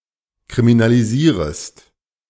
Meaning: second-person singular subjunctive I of kriminalisieren
- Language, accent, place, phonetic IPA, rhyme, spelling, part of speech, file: German, Germany, Berlin, [kʁiminaliˈziːʁəst], -iːʁəst, kriminalisierest, verb, De-kriminalisierest.ogg